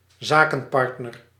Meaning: a business partner
- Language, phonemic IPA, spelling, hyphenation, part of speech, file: Dutch, /ˈzaː.kə(n)ˌpɑrt.nər/, zakenpartner, za‧ken‧part‧ner, noun, Nl-zakenpartner.ogg